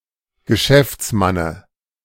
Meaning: dative singular of Geschäftsmann
- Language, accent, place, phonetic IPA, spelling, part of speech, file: German, Germany, Berlin, [ɡəˈʃɛft͡sˌmanə], Geschäftsmanne, noun, De-Geschäftsmanne.ogg